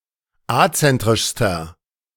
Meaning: inflection of azentrisch: 1. strong/mixed nominative masculine singular superlative degree 2. strong genitive/dative feminine singular superlative degree 3. strong genitive plural superlative degree
- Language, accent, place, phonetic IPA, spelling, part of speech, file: German, Germany, Berlin, [ˈat͡sɛntʁɪʃstɐ], azentrischster, adjective, De-azentrischster.ogg